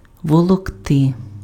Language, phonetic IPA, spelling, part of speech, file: Ukrainian, [wɔɫɔkˈtɪ], волокти, verb, Uk-волокти.ogg
- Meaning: to drag, to haul, to draw